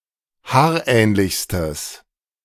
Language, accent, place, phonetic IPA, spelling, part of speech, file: German, Germany, Berlin, [ˈhaːɐ̯ˌʔɛːnlɪçstəs], haarähnlichstes, adjective, De-haarähnlichstes.ogg
- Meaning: strong/mixed nominative/accusative neuter singular superlative degree of haarähnlich